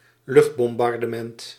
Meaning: aerial bombing, aerial bombardment
- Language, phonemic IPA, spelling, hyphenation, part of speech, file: Dutch, /ˈlʏxt.bɔm.bɑr.dəˌmɛnt/, luchtbombardement, lucht‧bom‧bar‧de‧ment, noun, Nl-luchtbombardement.ogg